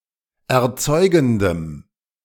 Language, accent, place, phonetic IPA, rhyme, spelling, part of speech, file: German, Germany, Berlin, [ɛɐ̯ˈt͡sɔɪ̯ɡn̩dəm], -ɔɪ̯ɡn̩dəm, erzeugendem, adjective, De-erzeugendem.ogg
- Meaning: strong dative masculine/neuter singular of erzeugend